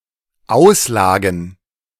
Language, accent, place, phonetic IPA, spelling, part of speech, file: German, Germany, Berlin, [ˈaʊ̯sˌlaːɡn̩], Auslagen, noun, De-Auslagen.ogg
- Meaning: plural of Auslage